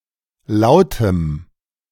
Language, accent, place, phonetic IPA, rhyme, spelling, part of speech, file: German, Germany, Berlin, [ˈlaʊ̯təm], -aʊ̯təm, lautem, adjective, De-lautem.ogg
- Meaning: strong dative masculine/neuter singular of laut